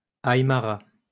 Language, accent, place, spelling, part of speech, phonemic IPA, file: French, France, Lyon, aymara, noun, /aj.ma.ʁa/, LL-Q150 (fra)-aymara.wav
- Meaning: Aymara (language)